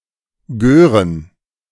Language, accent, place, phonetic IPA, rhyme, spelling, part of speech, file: German, Germany, Berlin, [ˈɡøːʁən], -øːʁən, Gören, noun, De-Gören.ogg
- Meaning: plural of Göre